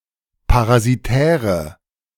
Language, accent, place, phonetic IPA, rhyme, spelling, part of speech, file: German, Germany, Berlin, [paʁaziˈtɛːʁə], -ɛːʁə, parasitäre, adjective, De-parasitäre.ogg
- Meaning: inflection of parasitär: 1. strong/mixed nominative/accusative feminine singular 2. strong nominative/accusative plural 3. weak nominative all-gender singular